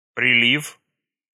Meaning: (noun) 1. tide 2. high tide 3. flood, flow 4. rush 5. congestion; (verb) short past adverbial participle of прилить (prilitʹ)
- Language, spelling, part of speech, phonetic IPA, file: Russian, прилив, noun / verb, [prʲɪˈlʲif], Ru-прилив.ogg